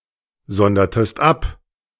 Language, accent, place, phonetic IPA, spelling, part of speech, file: German, Germany, Berlin, [ˌzɔndɐtəst ˈap], sondertest ab, verb, De-sondertest ab.ogg
- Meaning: inflection of absondern: 1. second-person singular preterite 2. second-person singular subjunctive II